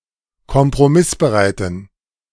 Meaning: inflection of kompromissbereit: 1. strong genitive masculine/neuter singular 2. weak/mixed genitive/dative all-gender singular 3. strong/weak/mixed accusative masculine singular
- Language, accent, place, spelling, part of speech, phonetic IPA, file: German, Germany, Berlin, kompromissbereiten, adjective, [kɔmpʁoˈmɪsbəˌʁaɪ̯tn̩], De-kompromissbereiten.ogg